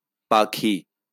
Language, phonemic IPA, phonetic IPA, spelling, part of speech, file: Bengali, /pakʰi/, [ˈpakʰiˑ], পাখী, noun, LL-Q9610 (ben)-পাখী.wav
- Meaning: bird